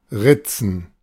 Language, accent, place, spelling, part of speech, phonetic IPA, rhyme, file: German, Germany, Berlin, Ritzen, noun, [ˈʁɪt͡sn̩], -ɪt͡sn̩, De-Ritzen.ogg
- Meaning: plural of Ritze